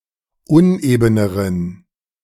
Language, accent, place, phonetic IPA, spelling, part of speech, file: German, Germany, Berlin, [ˈʊnʔeːbənəʁən], unebeneren, adjective, De-unebeneren.ogg
- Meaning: inflection of uneben: 1. strong genitive masculine/neuter singular comparative degree 2. weak/mixed genitive/dative all-gender singular comparative degree